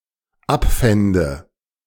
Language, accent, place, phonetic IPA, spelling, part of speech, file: German, Germany, Berlin, [ˈapˌfɛndə], abfände, verb, De-abfände.ogg
- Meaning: first/third-person singular dependent subjunctive II of abfinden